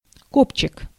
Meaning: coccyx; tailbone (vertebrae)
- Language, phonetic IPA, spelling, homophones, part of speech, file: Russian, [ˈkopt͡ɕɪk], копчик, кобчик, noun, Ru-копчик.ogg